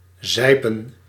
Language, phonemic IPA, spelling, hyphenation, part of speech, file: Dutch, /ˈzɛi̯.pə(n)/, zijpen, zij‧pen, verb, Nl-zijpen.ogg
- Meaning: to seep, ooze